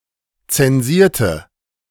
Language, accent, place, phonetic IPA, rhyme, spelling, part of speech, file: German, Germany, Berlin, [ˌt͡sɛnˈziːɐ̯tə], -iːɐ̯tə, zensierte, adjective / verb, De-zensierte.ogg
- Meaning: inflection of zensieren: 1. first/third-person singular preterite 2. first/third-person singular subjunctive II